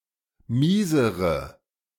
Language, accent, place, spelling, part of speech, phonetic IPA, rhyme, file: German, Germany, Berlin, miesere, adjective, [ˈmiːzəʁə], -iːzəʁə, De-miesere.ogg
- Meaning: inflection of mies: 1. strong/mixed nominative/accusative feminine singular comparative degree 2. strong nominative/accusative plural comparative degree